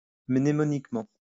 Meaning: mnemonically
- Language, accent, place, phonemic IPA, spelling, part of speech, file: French, France, Lyon, /mne.mɔ.nik.mɑ̃/, mnémoniquement, adverb, LL-Q150 (fra)-mnémoniquement.wav